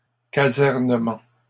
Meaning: plural of casernement
- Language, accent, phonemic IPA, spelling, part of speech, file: French, Canada, /ka.zɛʁ.nə.mɑ̃/, casernements, noun, LL-Q150 (fra)-casernements.wav